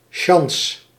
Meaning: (noun) 1. being lucky romantically or sexually 2. being lucky generally; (verb) inflection of sjansen: 1. first-person singular present indicative 2. second-person singular present indicative
- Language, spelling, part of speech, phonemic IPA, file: Dutch, sjans, noun / verb, /ʃɑns/, Nl-sjans.ogg